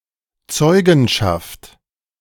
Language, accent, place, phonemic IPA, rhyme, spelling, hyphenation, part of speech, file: German, Germany, Berlin, /ˈt͡sɔɪ̯ɡn̩ˌʃaft/, -aft, Zeugenschaft, Zeu‧gen‧schaft, noun, De-Zeugenschaft.ogg
- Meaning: witness, witnessing, testimony, evidence